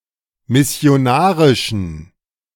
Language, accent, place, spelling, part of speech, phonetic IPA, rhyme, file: German, Germany, Berlin, missionarischen, adjective, [mɪsi̯oˈnaːʁɪʃn̩], -aːʁɪʃn̩, De-missionarischen.ogg
- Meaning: inflection of missionarisch: 1. strong genitive masculine/neuter singular 2. weak/mixed genitive/dative all-gender singular 3. strong/weak/mixed accusative masculine singular 4. strong dative plural